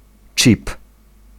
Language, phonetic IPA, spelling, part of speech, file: Polish, [t͡ʃʲip], chip, noun, Pl-chip.ogg